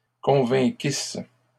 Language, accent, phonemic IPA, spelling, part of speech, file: French, Canada, /kɔ̃.vɛ̃.kis/, convainquissent, verb, LL-Q150 (fra)-convainquissent.wav
- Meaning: third-person plural imperfect subjunctive of convaincre